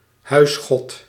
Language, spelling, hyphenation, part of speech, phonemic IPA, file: Dutch, huisgod, huis‧god, noun, /ˈɦœy̯s.xɔt/, Nl-huisgod.ogg
- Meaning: 1. a household deity 2. anyone (or anything) which protects - and/or brings bliss to a house(hold)